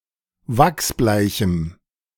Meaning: strong dative masculine/neuter singular of wachsbleich
- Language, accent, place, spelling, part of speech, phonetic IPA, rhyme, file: German, Germany, Berlin, wachsbleichem, adjective, [ˈvaksˈblaɪ̯çm̩], -aɪ̯çm̩, De-wachsbleichem.ogg